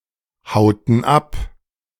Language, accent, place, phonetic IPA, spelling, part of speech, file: German, Germany, Berlin, [ˌhaʊ̯tn̩ ˈap], hauten ab, verb, De-hauten ab.ogg
- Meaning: inflection of abhauen: 1. first/third-person plural preterite 2. first/third-person plural subjunctive II